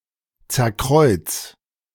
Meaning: 1. singular imperative of zerkreuzen 2. first-person singular present of zerkreuzen
- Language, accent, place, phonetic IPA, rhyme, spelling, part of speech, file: German, Germany, Berlin, [ˌt͡sɛɐ̯ˈkʁɔɪ̯t͡s], -ɔɪ̯t͡s, zerkreuz, verb, De-zerkreuz.ogg